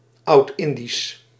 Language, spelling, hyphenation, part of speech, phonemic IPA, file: Dutch, Oudindisch, Oud‧in‧disch, proper noun / adjective, /ˌɑu̯tˈɪn.dis/, Nl-Oudindisch.ogg
- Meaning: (proper noun) Sanskrit; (adjective) pertaining to ancient India